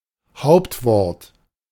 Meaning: noun (sensu stricto), substantive
- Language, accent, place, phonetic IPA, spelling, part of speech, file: German, Germany, Berlin, [ˈhaʊ̯ptˌvɔʁt], Hauptwort, noun, De-Hauptwort.ogg